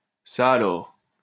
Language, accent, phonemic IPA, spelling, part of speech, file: French, France, /sa a.lɔʁ/, ça alors, interjection, LL-Q150 (fra)-ça alors.wav
- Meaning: well, I never! well blow me down! my goodness! my word!